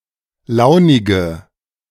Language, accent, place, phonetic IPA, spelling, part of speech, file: German, Germany, Berlin, [ˈlaʊ̯nɪɡə], launige, adjective, De-launige.ogg
- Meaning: inflection of launig: 1. strong/mixed nominative/accusative feminine singular 2. strong nominative/accusative plural 3. weak nominative all-gender singular 4. weak accusative feminine/neuter singular